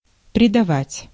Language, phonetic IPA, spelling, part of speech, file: Russian, [prʲɪdɐˈvatʲ], предавать, verb, Ru-предавать.ogg
- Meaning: 1. to betray 2. to expose, to subject, to commit, to hand over